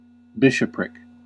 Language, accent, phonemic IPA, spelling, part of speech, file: English, General American, /ˈbɪʃəpɹɪk/, bishopric, noun, En-us-bishopric.ogg
- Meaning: 1. A diocese: a region in which a bishop of a church governs 2. The office or function of a bishop